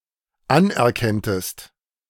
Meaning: second-person singular dependent subjunctive II of anerkennen
- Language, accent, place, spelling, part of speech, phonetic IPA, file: German, Germany, Berlin, anerkenntest, verb, [ˈanʔɛɐ̯ˌkɛntəst], De-anerkenntest.ogg